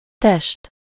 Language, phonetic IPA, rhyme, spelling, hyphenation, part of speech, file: Hungarian, [ˈtɛʃt], -ɛʃt, test, test, noun, Hu-test.ogg
- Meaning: 1. body 2. solid (three-dimensional figure) 3. field (commutative ring)